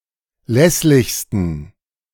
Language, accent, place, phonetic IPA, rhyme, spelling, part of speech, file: German, Germany, Berlin, [ˈlɛslɪçstn̩], -ɛslɪçstn̩, lässlichsten, adjective, De-lässlichsten.ogg
- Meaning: 1. superlative degree of lässlich 2. inflection of lässlich: strong genitive masculine/neuter singular superlative degree